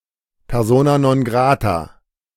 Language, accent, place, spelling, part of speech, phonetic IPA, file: German, Germany, Berlin, Persona non grata, noun, [pɛʁˈzoːna noːn ˈɡʁaːta], De-Persona non grata.ogg
- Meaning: persona non grata